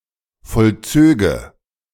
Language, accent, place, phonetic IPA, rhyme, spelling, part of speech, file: German, Germany, Berlin, [fɔlˈt͡søːɡə], -øːɡə, vollzöge, verb, De-vollzöge.ogg
- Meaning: first/third-person singular subjunctive II of vollziehen